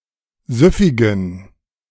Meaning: inflection of süffig: 1. strong genitive masculine/neuter singular 2. weak/mixed genitive/dative all-gender singular 3. strong/weak/mixed accusative masculine singular 4. strong dative plural
- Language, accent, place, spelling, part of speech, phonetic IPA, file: German, Germany, Berlin, süffigen, adjective, [ˈzʏfɪɡn̩], De-süffigen.ogg